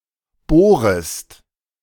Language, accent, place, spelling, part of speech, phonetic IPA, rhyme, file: German, Germany, Berlin, bohrest, verb, [ˈboːʁəst], -oːʁəst, De-bohrest.ogg
- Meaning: second-person singular subjunctive I of bohren